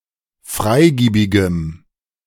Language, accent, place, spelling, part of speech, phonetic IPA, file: German, Germany, Berlin, freigiebigem, adjective, [ˈfʁaɪ̯ˌɡiːbɪɡəm], De-freigiebigem.ogg
- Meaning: strong dative masculine/neuter singular of freigiebig